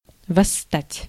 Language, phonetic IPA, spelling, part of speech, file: Russian, [vɐsːˈtatʲ], восстать, verb, Ru-восстать.ogg
- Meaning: to revolt, to rise, to rebel